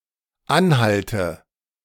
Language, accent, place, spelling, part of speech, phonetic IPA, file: German, Germany, Berlin, anhalte, verb, [ˈanˌhaltə], De-anhalte.ogg
- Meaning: inflection of anhalten: 1. first-person singular dependent present 2. first/third-person singular dependent subjunctive I